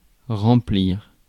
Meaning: 1. to fill, to fill up (make full) 2. to fill in 3. to fulfil
- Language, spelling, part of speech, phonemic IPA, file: French, remplir, verb, /ʁɑ̃.pliʁ/, Fr-remplir.ogg